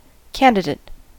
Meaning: 1. A person who seeks to be elected or appointed to a position or privilege 2. A person who is thought likely or worthy to gain a position or privilege 3. A participant in an examination
- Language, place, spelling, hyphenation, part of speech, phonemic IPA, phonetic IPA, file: English, California, candidate, can‧did‧ate, noun, /ˈkæn.dɪ.dɪt/, [ˈkɛən.dɪ.dɪt], En-us-candidate.ogg